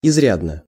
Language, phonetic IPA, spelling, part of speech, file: Russian, [ɪzˈrʲadnə], изрядно, adverb, Ru-изрядно.ogg
- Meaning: fairly, considerably, very